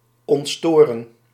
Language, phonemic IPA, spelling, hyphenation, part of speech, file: Dutch, /ˌɔntˈstoː.rə(n)/, ontstoren, ont‧sto‧ren, verb, Nl-ontstoren.ogg
- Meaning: 1. to suppress interference 2. to suppress noise